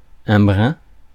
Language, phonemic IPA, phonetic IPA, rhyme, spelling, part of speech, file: French, /bʁɛ̃/, [bɾæ̃], -ɛ̃, brin, noun, Fr-brin.ogg
- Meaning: 1. blade (of grass) 2. sprig, twig 3. wisp, strand (of hair, fibre etc.) 4. ounce, bit, hint